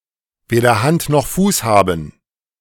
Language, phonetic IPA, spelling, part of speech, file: German, [ˈveːdɐ hant nɔx fuːs ˈhaːbn̩], weder Hand noch Fuß haben, phrase, De-weder Hand noch Fuß haben.ogg